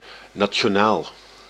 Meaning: national
- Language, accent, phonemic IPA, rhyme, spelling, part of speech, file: Dutch, Netherlands, /naː(t)ʃoːˈnaːl/, -aːl, nationaal, adjective, Nl-nationaal.ogg